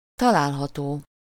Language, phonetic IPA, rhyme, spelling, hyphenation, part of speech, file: Hungarian, [ˈtɒlaːlɦɒtoː], -toː, található, ta‧lál‧ha‧tó, adjective, Hu-található.ogg
- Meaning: obtainable, located, can be found